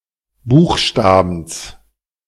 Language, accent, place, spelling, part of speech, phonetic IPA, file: German, Germany, Berlin, Buchstabens, noun, [ˈbuːxˌʃtaːbn̩s], De-Buchstabens.ogg
- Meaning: genitive singular of Buchstabe